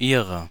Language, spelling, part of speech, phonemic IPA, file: German, ihrer, pronoun / determiner, /ˈiːʁɐ/, De-ihrer.ogg
- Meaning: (pronoun) genitive of sie: 1. of her 2. of them; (determiner) inflection of ihr (“her, their”): 1. dative/genitive feminine singular 2. genitive plural